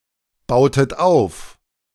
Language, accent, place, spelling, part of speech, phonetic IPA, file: German, Germany, Berlin, bautet auf, verb, [ˌbaʊ̯tət ˈaʊ̯f], De-bautet auf.ogg
- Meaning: inflection of aufbauen: 1. second-person plural preterite 2. second-person plural subjunctive II